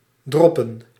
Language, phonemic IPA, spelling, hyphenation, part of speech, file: Dutch, /ˈdrɔ.pə(n)/, droppen, drop‧pen, verb / noun, Nl-droppen.ogg
- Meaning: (verb) 1. to airdrop (deliver goods, equipment, or personnel by dropping them from an aircraft in flight) 2. to drop off (deliver, deposit or leave; allow passengers to alight)